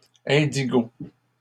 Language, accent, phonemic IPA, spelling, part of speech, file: French, Canada, /ɛ̃.di.ɡo/, indigo, noun / adjective, LL-Q150 (fra)-indigo.wav
- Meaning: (noun) indigo (color); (adjective) indigo (being of that color)